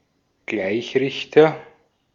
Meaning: rectifier
- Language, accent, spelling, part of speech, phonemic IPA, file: German, Austria, Gleichrichter, noun, /ˈɡlaɪ̯çrɪçtɐ/, De-at-Gleichrichter.ogg